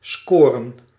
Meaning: 1. to score (a certain amount of points) 2. to get, to acquire, to score, to gain
- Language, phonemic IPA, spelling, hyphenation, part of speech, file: Dutch, /ˈskoː.rə(n)/, scoren, sco‧ren, verb, Nl-scoren.ogg